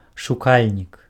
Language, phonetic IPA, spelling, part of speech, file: Belarusian, [ʂuˈkalʲnʲik], шукальнік, noun, Be-шукальнік.ogg
- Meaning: seeker